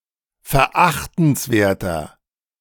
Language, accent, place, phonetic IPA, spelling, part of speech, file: German, Germany, Berlin, [fɛɐ̯ˈʔaxtn̩sˌveːɐ̯tɐ], verachtenswerter, adjective, De-verachtenswerter.ogg
- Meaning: 1. comparative degree of verachtenswert 2. inflection of verachtenswert: strong/mixed nominative masculine singular 3. inflection of verachtenswert: strong genitive/dative feminine singular